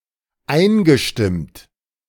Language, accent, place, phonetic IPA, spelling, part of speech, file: German, Germany, Berlin, [ˈaɪ̯nɡəˌʃtɪmt], eingestimmt, verb, De-eingestimmt.ogg
- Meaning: past participle of einstimmen